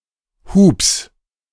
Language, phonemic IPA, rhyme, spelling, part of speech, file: German, /huːps/, -uːps, Hubs, noun, De-Hubs.ogg
- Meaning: genitive singular of Hub